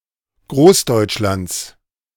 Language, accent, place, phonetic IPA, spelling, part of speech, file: German, Germany, Berlin, [ˈɡʁoːsdɔɪ̯t͡ʃˌlant͡s], Großdeutschlands, noun, De-Großdeutschlands.ogg
- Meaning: genitive of Großdeutschland